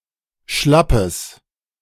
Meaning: strong/mixed nominative/accusative neuter singular of schlapp
- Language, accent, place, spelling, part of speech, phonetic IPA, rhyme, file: German, Germany, Berlin, schlappes, adjective, [ˈʃlapəs], -apəs, De-schlappes.ogg